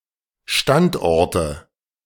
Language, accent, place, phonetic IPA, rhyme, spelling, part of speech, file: German, Germany, Berlin, [ˈʃtantˌʔɔʁtə], -antʔɔʁtə, Standorte, noun, De-Standorte.ogg
- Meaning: nominative/accusative/genitive plural of Standort